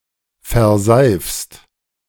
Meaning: second-person singular present of verseifen
- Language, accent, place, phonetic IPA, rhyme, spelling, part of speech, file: German, Germany, Berlin, [fɛɐ̯ˈzaɪ̯fst], -aɪ̯fst, verseifst, verb, De-verseifst.ogg